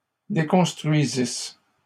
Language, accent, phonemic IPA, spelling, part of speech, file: French, Canada, /de.kɔ̃s.tʁɥi.zis/, déconstruisisses, verb, LL-Q150 (fra)-déconstruisisses.wav
- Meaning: second-person singular imperfect subjunctive of déconstruire